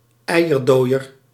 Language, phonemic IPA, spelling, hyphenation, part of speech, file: Dutch, /ˈɛi̯.ərˌdoː.ər/, eierdooier, ei‧er‧dooi‧er, noun, Nl-eierdooier.ogg
- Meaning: alternative form of eidooier